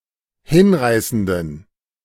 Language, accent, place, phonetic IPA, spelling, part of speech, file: German, Germany, Berlin, [ˈhɪnˌʁaɪ̯sn̩dən], hinreißenden, adjective, De-hinreißenden.ogg
- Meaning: inflection of hinreißend: 1. strong genitive masculine/neuter singular 2. weak/mixed genitive/dative all-gender singular 3. strong/weak/mixed accusative masculine singular 4. strong dative plural